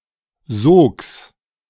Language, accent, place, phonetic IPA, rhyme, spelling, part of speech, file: German, Germany, Berlin, [zoːks], -oːks, Sogs, noun, De-Sogs.ogg
- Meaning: genitive of Sog